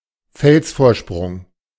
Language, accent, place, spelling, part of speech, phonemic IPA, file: German, Germany, Berlin, Felsvorsprung, noun, /ˈfɛlsfoːɐ̯ˌʃpʁʊŋ/, De-Felsvorsprung.ogg
- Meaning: ledge on a rock wall